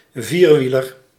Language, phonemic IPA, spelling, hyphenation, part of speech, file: Dutch, /ˈviːrˌʋi.lər/, vierwieler, vier‧wie‧ler, noun, Nl-vierwieler.ogg
- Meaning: four-wheeler, four-wheeled vehicle